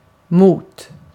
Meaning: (noun) 1. A point where two or more objects meet (e.g. the joint of two bones) 2. A slip road or flyover 3. A grade-separated interchange; a large junction where two or more roads meet
- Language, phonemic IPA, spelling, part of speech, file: Swedish, /muːt/, mot, noun / preposition, Sv-mot.ogg